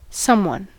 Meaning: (pronoun) One or some person of unspecified or indefinite identity; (noun) 1. A partially specified but unnamed person 2. An important person
- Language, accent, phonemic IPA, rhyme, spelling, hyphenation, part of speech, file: English, General American, /ˈsʌmwʌn/, -ʌmwʌn, someone, some‧one, pronoun / noun, En-us-someone.ogg